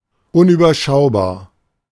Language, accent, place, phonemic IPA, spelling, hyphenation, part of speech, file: German, Germany, Berlin, /ˌʊnʔyːbɐˈʃaʊ̯baːɐ̯/, unüberschaubar, un‧über‧schau‧bar, adjective, De-unüberschaubar.ogg
- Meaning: unmanageable